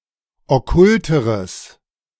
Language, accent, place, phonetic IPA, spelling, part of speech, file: German, Germany, Berlin, [ɔˈkʊltəʁəs], okkulteres, adjective, De-okkulteres.ogg
- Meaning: strong/mixed nominative/accusative neuter singular comparative degree of okkult